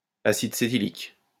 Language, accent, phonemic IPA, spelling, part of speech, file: French, France, /a.sid se.ti.lik/, acide cétylique, noun, LL-Q150 (fra)-acide cétylique.wav
- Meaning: cetylic acid